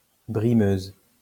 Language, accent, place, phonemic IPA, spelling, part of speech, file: French, France, Lyon, /bʁi.møz/, brimeuse, noun, LL-Q150 (fra)-brimeuse.wav
- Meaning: female equivalent of brimeur